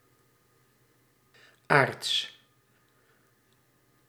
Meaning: 1. arch-, of high rank 2. arch-, to a high degree 3. old, ancient, of high age
- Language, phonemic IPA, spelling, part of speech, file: Dutch, /aːrts/, aarts-, prefix, Nl-aarts-.ogg